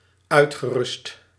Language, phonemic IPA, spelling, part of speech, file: Dutch, /ˈœytxəˌrʏst/, uitgerust, verb / adjective, Nl-uitgerust.ogg
- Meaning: past participle of uitrusten